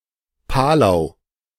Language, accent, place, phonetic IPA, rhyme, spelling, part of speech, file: German, Germany, Berlin, [ˈpaːlaʊ̯], -aːlaʊ̯, Palau, proper noun, De-Palau.ogg
- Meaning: Palau (a country consisting of around 340 islands in Micronesia, in Oceania)